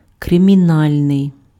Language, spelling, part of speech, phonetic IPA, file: Ukrainian, кримінальний, adjective, [kremʲiˈnalʲnei̯], Uk-кримінальний.ogg
- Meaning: criminal